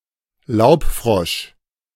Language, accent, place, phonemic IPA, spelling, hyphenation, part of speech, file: German, Germany, Berlin, /ˈlaʊ̯pˌfʁɔʃ/, Laubfrosch, Laub‧frosch, noun, De-Laubfrosch.ogg
- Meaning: tree frog